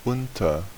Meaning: 1. under 2. below 3. among, between 4. with; along with; accompanied by an action (often concessive) 5. during
- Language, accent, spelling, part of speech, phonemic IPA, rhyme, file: German, Germany, unter, preposition, /ˈʊntɐ/, -ʊntɐ, De-unter.ogg